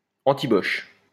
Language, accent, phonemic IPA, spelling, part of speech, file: French, France, /ɑ̃.ti.bɔʃ/, antiboche, adjective, LL-Q150 (fra)-antiboche.wav
- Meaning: anti-Boche, anti-German